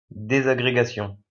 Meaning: disintegration
- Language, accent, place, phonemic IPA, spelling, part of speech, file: French, France, Lyon, /de.za.ɡʁe.ɡa.sjɔ̃/, désagrégation, noun, LL-Q150 (fra)-désagrégation.wav